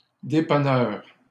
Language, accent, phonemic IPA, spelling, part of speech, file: French, Canada, /de.pa.nœʁ/, dépanneurs, noun, LL-Q150 (fra)-dépanneurs.wav
- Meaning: plural of dépanneur